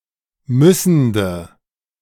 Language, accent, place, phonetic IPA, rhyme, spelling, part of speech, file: German, Germany, Berlin, [ˈmʏsn̩də], -ʏsn̩də, müssende, adjective, De-müssende.ogg
- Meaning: inflection of müssend: 1. strong/mixed nominative/accusative feminine singular 2. strong nominative/accusative plural 3. weak nominative all-gender singular 4. weak accusative feminine/neuter singular